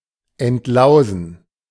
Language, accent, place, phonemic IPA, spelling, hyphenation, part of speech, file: German, Germany, Berlin, /ɛntˈlaʊ̯zn̩/, entlausen, ent‧lau‧sen, verb, De-entlausen.ogg
- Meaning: to delouse